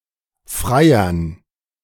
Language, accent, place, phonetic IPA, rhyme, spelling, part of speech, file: German, Germany, Berlin, [ˈfʁaɪ̯ɐn], -aɪ̯ɐn, Freiern, noun, De-Freiern.ogg
- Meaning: dative plural of Freier